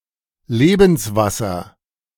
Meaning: 1. water of life 2. aqua vitae
- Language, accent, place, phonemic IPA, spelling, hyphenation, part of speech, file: German, Germany, Berlin, /ˈleːbn̩sˌvasɐ/, Lebenswasser, Le‧bens‧was‧ser, noun, De-Lebenswasser.ogg